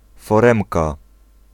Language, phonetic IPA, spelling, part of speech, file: Polish, [fɔˈrɛ̃mka], foremka, noun, Pl-foremka.ogg